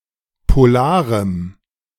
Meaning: strong dative masculine/neuter singular of polar
- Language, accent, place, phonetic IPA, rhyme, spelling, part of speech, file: German, Germany, Berlin, [poˈlaːʁəm], -aːʁəm, polarem, adjective, De-polarem.ogg